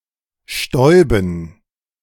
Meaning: dative plural of Staub
- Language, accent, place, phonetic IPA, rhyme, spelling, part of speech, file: German, Germany, Berlin, [ˈʃtɔɪ̯bn̩], -ɔɪ̯bn̩, Stäuben, noun, De-Stäuben.ogg